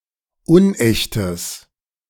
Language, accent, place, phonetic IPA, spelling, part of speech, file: German, Germany, Berlin, [ˈʊnˌʔɛçtəs], unechtes, adjective, De-unechtes.ogg
- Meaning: strong/mixed nominative/accusative neuter singular of unecht